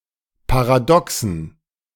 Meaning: dative plural of Paradox
- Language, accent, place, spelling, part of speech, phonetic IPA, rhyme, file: German, Germany, Berlin, Paradoxen, noun, [paʁaˈdɔksn̩], -ɔksn̩, De-Paradoxen.ogg